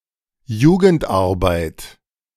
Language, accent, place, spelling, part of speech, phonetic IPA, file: German, Germany, Berlin, Jugendarbeit, noun, [ˈjuːɡəntˌʔaʁbaɪ̯t], De-Jugendarbeit.ogg
- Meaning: 1. youth employment 2. juvenile labour